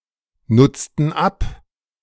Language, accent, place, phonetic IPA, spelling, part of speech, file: German, Germany, Berlin, [ˌnʊt͡stn̩ ˈap], nutzten ab, verb, De-nutzten ab.ogg
- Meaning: inflection of abnutzen: 1. first/third-person plural preterite 2. first/third-person plural subjunctive II